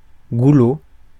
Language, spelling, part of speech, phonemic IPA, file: French, goulot, noun, /ɡu.lo/, Fr-goulot.ogg
- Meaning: bottleneck (narrow part of a bottle)